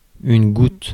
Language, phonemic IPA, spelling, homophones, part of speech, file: French, /ɡut/, goutte, goûte / goûtent / goûtes / gouttes, noun / adverb, Fr-goutte.ogg
- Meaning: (noun) 1. drop, droplet 2. goutte 3. gout 4. rivulet; brook 5. eau de vie; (adverb) not, not at all, not a drop